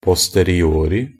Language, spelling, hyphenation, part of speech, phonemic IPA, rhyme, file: Norwegian Bokmål, posteriori, pos‧te‧ri‧o‧ri, adverb, /pɔstəriˈoːrɪ/, -oːrɪ, NB - Pronunciation of Norwegian Bokmål «posteriori».ogg
- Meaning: only used in a posteriori (“a posteriori”)